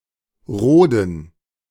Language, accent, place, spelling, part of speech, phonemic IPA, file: German, Germany, Berlin, Roden, noun / proper noun, /ˈʁoːdn̩/, De-Roden.ogg
- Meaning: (noun) gerund of roden; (proper noun) a municipality of Bavaria, Germany